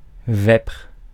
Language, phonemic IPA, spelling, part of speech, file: French, /vɛpʁ/, vêpres, noun, Fr-vêpres.ogg
- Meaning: 1. plural of vêpre 2. vespers 3. evensong